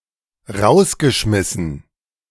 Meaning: past participle of rausschmeißen
- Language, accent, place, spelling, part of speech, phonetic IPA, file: German, Germany, Berlin, rausgeschmissen, verb, [ˈʁaʊ̯sɡəˌʃmɪsn̩], De-rausgeschmissen.ogg